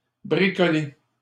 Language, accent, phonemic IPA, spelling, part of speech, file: French, Canada, /bʁi.kɔ.le/, bricoler, verb, LL-Q150 (fra)-bricoler.wav
- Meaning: 1. to do DIY 2. to tinker (to fiddle with something in an attempt to fix, mend or improve it)